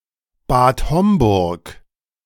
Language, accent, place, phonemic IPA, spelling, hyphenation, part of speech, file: German, Germany, Berlin, /baːt ˈhɔmbʊʁk/, Bad Homburg, Bad Hom‧burg, proper noun, De-Bad Homburg.ogg
- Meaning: a town, the administrative seat of Hochtaunuskreis district, Hesse, Germany; official name: Bad Homburg vor der Höhe